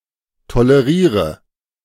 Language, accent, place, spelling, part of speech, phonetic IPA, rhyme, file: German, Germany, Berlin, toleriere, verb, [toləˈʁiːʁə], -iːʁə, De-toleriere.ogg
- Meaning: inflection of tolerieren: 1. first-person singular present 2. first/third-person singular subjunctive I 3. singular imperative